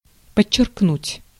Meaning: 1. to underline, to underscore 2. to stress, to emphasize, to underscore
- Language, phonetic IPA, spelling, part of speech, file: Russian, [pət͡ɕːɪrkˈnutʲ], подчеркнуть, verb, Ru-подчеркнуть.ogg